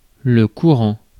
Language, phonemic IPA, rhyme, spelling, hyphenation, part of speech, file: French, /ku.ʁɑ̃/, -ɑ̃, courant, cou‧rant, verb / adjective / noun, Fr-courant.ogg
- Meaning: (verb) present participle of courir; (adjective) 1. current, present 2. fluent (able to speak a language accurately and confidently) 3. common; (noun) current (of water, electricity, thought, etc.)